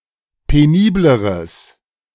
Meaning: strong/mixed nominative/accusative neuter singular comparative degree of penibel
- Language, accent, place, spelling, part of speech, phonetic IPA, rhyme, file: German, Germany, Berlin, penibleres, adjective, [peˈniːbləʁəs], -iːbləʁəs, De-penibleres.ogg